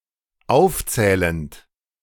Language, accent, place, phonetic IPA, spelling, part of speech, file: German, Germany, Berlin, [ˈaʊ̯fˌt͡sɛːlənt], aufzählend, verb, De-aufzählend.ogg
- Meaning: present participle of aufzählen